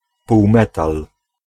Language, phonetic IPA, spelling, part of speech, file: Polish, [puwˈmɛtal], półmetal, noun, Pl-półmetal.ogg